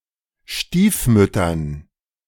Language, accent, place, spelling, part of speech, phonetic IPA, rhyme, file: German, Germany, Berlin, Stiefmüttern, noun, [ˈʃtiːfˌmʏtɐn], -iːfmʏtɐn, De-Stiefmüttern.ogg
- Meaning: dative plural of Stiefmutter